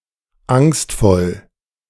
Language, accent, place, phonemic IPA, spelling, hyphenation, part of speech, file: German, Germany, Berlin, /ˈaŋstfɔl/, angstvoll, angst‧voll, adjective, De-angstvoll.ogg
- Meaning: 1. fearful 2. apprehensive